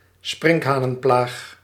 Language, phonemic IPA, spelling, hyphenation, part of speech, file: Dutch, /ˈsprɪŋk.ɦaː.nə(n)ˌplaːx/, sprinkhanenplaag, sprink‧ha‧nen‧plaag, noun, Nl-sprinkhanenplaag.ogg
- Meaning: locust plague, locust infestation